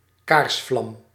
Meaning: candleflame
- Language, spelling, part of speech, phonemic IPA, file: Dutch, kaarsvlam, noun, /ˈkaːrsvlɑm/, Nl-kaarsvlam.ogg